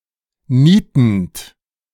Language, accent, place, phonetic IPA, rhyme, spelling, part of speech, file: German, Germany, Berlin, [ˈniːtn̩t], -iːtn̩t, nietend, verb, De-nietend.ogg
- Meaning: present participle of nieten